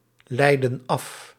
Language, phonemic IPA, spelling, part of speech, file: Dutch, /ˈlɛidə(n) ˈɑf/, leiden af, verb, Nl-leiden af.ogg
- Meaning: inflection of afleiden: 1. plural present indicative 2. plural present subjunctive